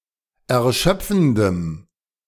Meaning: strong dative masculine/neuter singular of erschöpfend
- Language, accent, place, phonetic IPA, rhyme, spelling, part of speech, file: German, Germany, Berlin, [ɛɐ̯ˈʃœp͡fn̩dəm], -œp͡fn̩dəm, erschöpfendem, adjective, De-erschöpfendem.ogg